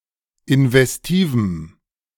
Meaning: strong dative masculine/neuter singular of investiv
- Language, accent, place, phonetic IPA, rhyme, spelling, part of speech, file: German, Germany, Berlin, [ɪnvɛsˈtiːvm̩], -iːvm̩, investivem, adjective, De-investivem.ogg